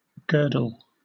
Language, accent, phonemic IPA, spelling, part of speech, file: English, Southern England, /ˈɡɜːdl̩/, girdle, noun / verb, LL-Q1860 (eng)-girdle.wav
- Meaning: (noun) 1. That which girds, encircles, or encloses; a circumference 2. A belt or sash at the waist, often used to support stockings or hosiery